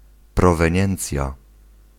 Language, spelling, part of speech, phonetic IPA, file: Polish, proweniencja, noun, [ˌprɔvɛ̃ˈɲɛ̃nt͡sʲja], Pl-proweniencja.ogg